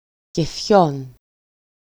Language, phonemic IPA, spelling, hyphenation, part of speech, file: Greek, /ceˈfçon/, κεφιών, κε‧φιών, noun, EL-κεφιών.ogg
- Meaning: genitive plural of κέφι (kéfi)